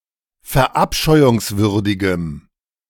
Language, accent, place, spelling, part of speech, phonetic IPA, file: German, Germany, Berlin, verabscheuungswürdigem, adjective, [fɛɐ̯ˈʔapʃɔɪ̯ʊŋsvʏʁdɪɡəm], De-verabscheuungswürdigem.ogg
- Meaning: strong dative masculine/neuter singular of verabscheuungswürdig